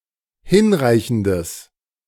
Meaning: strong/mixed nominative/accusative neuter singular of hinreichend
- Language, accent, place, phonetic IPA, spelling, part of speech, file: German, Germany, Berlin, [ˈhɪnˌʁaɪ̯çn̩dəs], hinreichendes, adjective, De-hinreichendes.ogg